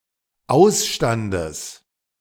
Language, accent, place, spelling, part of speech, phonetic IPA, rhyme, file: German, Germany, Berlin, Ausstandes, noun, [ˈaʊ̯sˌʃtandəs], -aʊ̯sʃtandəs, De-Ausstandes.ogg
- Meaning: genitive singular of Ausstand